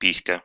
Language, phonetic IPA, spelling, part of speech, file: Russian, [ˈpʲisʲkə], писька, noun, Ru-пи́ська.ogg
- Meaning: male or female genitalia, doodle, pussy